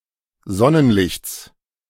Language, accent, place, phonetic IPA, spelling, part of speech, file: German, Germany, Berlin, [ˈzɔnənˌlɪçt͡s], Sonnenlichts, noun, De-Sonnenlichts.ogg
- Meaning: genitive singular of Sonnenlicht